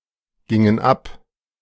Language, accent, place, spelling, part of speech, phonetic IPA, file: German, Germany, Berlin, gingen ab, verb, [ˌɡɪŋən ˈap], De-gingen ab.ogg
- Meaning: inflection of abgehen: 1. first/third-person plural preterite 2. first/third-person plural subjunctive II